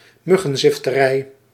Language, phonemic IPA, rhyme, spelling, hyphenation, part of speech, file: Dutch, /ˌmʏ.ɣə(n).zɪf.təˈrɛi̯/, -ɛi̯, muggenzifterij, mug‧gen‧zif‧te‧rij, noun, Nl-muggenzifterij.ogg
- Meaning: nitpickery